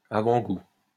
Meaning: foretaste, taster
- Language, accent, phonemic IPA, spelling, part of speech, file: French, France, /a.vɑ̃.ɡu/, avant-goût, noun, LL-Q150 (fra)-avant-goût.wav